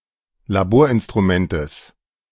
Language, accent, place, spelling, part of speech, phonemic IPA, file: German, Germany, Berlin, Laborinstrumentes, noun, /laˈboːɐ̯ʔɪnstʁuˌmɛntəs/, De-Laborinstrumentes.ogg
- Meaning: genitive singular of Laborinstrument